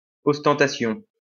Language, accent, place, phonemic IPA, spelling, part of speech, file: French, France, Lyon, /ɔs.tɑ̃.ta.sjɔ̃/, ostentation, noun, LL-Q150 (fra)-ostentation.wav
- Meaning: ostentation